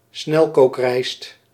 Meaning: precooked or pre-steamed rice
- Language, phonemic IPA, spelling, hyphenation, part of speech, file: Dutch, /ˈsnɛl.koːkˌrɛi̯st/, snelkookrijst, snel‧kook‧rijst, noun, Nl-snelkookrijst.ogg